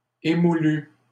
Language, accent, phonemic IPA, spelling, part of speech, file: French, Canada, /e.mu.ly/, émoulues, adjective, LL-Q150 (fra)-émoulues.wav
- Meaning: feminine plural of émoulu